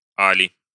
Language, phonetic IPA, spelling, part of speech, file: Russian, [ˈalʲɪ], али, conjunction, Ru-а́ли.ogg
- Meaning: or